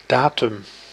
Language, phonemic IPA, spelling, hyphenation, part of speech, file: Dutch, /ˈdaːtʏm/, datum, da‧tum, noun, Nl-datum.ogg
- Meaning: 1. date (point in time) 2. datum (piece of information)